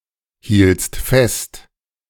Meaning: second-person singular preterite of festhalten
- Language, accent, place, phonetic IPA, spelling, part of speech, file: German, Germany, Berlin, [ˌhiːlt͡st ˈfɛst], hieltst fest, verb, De-hieltst fest.ogg